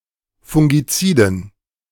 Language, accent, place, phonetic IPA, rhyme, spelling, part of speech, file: German, Germany, Berlin, [fʊŋɡiˈt͡siːdn̩], -iːdn̩, fungiziden, adjective, De-fungiziden.ogg
- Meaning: inflection of fungizid: 1. strong genitive masculine/neuter singular 2. weak/mixed genitive/dative all-gender singular 3. strong/weak/mixed accusative masculine singular 4. strong dative plural